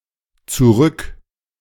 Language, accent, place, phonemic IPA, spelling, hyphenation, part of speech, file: German, Germany, Berlin, /t͡suˈʁʏk/, Zurück, Zu‧rück, noun, De-Zurück.ogg
- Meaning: going back (in existential clauses, negated)